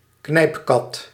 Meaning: dyno torch, dynamo torch
- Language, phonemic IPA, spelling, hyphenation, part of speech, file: Dutch, /ˈknɛi̯pˌkɑt/, knijpkat, knijp‧kat, noun, Nl-knijpkat.ogg